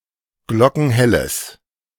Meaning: strong/mixed nominative/accusative neuter singular of glockenhell
- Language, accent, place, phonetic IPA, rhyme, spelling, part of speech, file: German, Germany, Berlin, [ˈɡlɔkn̩ˈhɛləs], -ɛləs, glockenhelles, adjective, De-glockenhelles.ogg